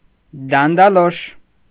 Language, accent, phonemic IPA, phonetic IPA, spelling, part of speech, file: Armenian, Eastern Armenian, /dɑndɑˈloʃ/, [dɑndɑlóʃ], դանդալոշ, adjective / noun, Hy-դանդալոշ.ogg
- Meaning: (adjective) stupid, dumb; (noun) blockhead, dunce